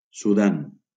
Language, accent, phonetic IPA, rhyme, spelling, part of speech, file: Catalan, Valencia, [suˈðan], -an, Sudan, proper noun, LL-Q7026 (cat)-Sudan.wav
- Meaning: Sudan (a country in North Africa and East Africa)